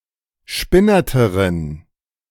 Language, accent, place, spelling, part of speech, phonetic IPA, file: German, Germany, Berlin, spinnerteren, adjective, [ˈʃpɪnɐtəʁən], De-spinnerteren.ogg
- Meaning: inflection of spinnert: 1. strong genitive masculine/neuter singular comparative degree 2. weak/mixed genitive/dative all-gender singular comparative degree